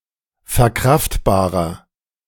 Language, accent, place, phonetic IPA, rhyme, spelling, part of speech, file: German, Germany, Berlin, [fɛɐ̯ˈkʁaftbaːʁɐ], -aftbaːʁɐ, verkraftbarer, adjective, De-verkraftbarer.ogg
- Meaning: inflection of verkraftbar: 1. strong/mixed nominative masculine singular 2. strong genitive/dative feminine singular 3. strong genitive plural